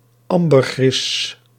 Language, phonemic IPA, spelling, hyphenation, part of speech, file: Dutch, /ˈɑm.bərˌɣrɪs/, ambergris, am‧ber‧gris, noun, Nl-ambergris.ogg
- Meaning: ambergris